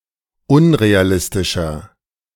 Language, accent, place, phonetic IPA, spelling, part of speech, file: German, Germany, Berlin, [ˈʊnʁeaˌlɪstɪʃɐ], unrealistischer, adjective, De-unrealistischer.ogg
- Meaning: 1. comparative degree of unrealistisch 2. inflection of unrealistisch: strong/mixed nominative masculine singular 3. inflection of unrealistisch: strong genitive/dative feminine singular